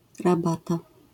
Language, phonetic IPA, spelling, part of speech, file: Polish, [raˈbata], rabata, noun, LL-Q809 (pol)-rabata.wav